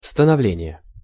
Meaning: formation, establishment
- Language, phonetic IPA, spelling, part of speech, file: Russian, [stənɐˈvlʲenʲɪje], становление, noun, Ru-становление.ogg